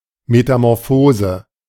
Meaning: metamorphosis
- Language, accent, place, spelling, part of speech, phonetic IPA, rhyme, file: German, Germany, Berlin, Metamorphose, noun, [ˌmetamɔʁˈfoːzə], -oːzə, De-Metamorphose.ogg